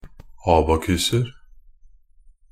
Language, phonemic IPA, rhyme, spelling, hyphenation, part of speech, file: Norwegian Bokmål, /ˈɑːbakʉsər/, -ər, abakuser, a‧ba‧kus‧er, noun, NB - Pronunciation of Norwegian Bokmål «abakuser».ogg
- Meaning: indefinite plural of abakus